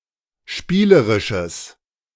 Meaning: strong/mixed nominative/accusative neuter singular of spielerisch
- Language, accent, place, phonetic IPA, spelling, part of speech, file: German, Germany, Berlin, [ˈʃpiːləʁɪʃəs], spielerisches, adjective, De-spielerisches.ogg